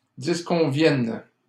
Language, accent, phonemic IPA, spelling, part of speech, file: French, Canada, /dis.kɔ̃.vjɛn/, disconviennes, verb, LL-Q150 (fra)-disconviennes.wav
- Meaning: second-person singular present subjunctive of disconvenir